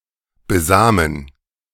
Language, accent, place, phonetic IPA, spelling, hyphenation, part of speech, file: German, Germany, Berlin, [ˈzaːmː], besamen, be‧sa‧men, verb, De-besamen.ogg
- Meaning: to fertilize, to impregnate